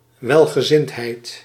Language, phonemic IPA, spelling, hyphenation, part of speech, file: Dutch, /ˌʋɛl.ɣəˈzɪnt.ɦɛi̯t/, welgezindheid, wel‧ge‧zind‧heid, noun, Nl-welgezindheid.ogg
- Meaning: affinity, attraction; state of being well-disposed